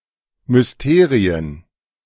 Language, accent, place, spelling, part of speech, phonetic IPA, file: German, Germany, Berlin, Mysterien, noun, [mʏsˈteːʁiən], De-Mysterien.ogg
- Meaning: plural of Mysterium